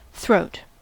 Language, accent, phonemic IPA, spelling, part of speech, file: English, US, /ˈθɹoʊt/, throat, noun / verb, En-us-throat.ogg
- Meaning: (noun) 1. The front part of the neck 2. The gullet or windpipe 3. A narrow opening in a vessel 4. Short for station throat